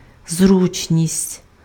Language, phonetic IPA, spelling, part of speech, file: Ukrainian, [ˈzrut͡ʃnʲisʲtʲ], зручність, noun, Uk-зручність.ogg
- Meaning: 1. comfort 2. convenience